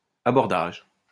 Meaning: 1. the assault on a ship 2. collision, allision
- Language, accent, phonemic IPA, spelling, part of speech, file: French, France, /a.bɔʁ.daʒ/, abordage, noun, LL-Q150 (fra)-abordage.wav